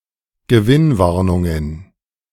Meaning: plural of Gewinnwarnung
- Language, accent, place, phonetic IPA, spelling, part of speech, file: German, Germany, Berlin, [ɡəˈvɪnˌvaʁnʊŋən], Gewinnwarnungen, noun, De-Gewinnwarnungen2.ogg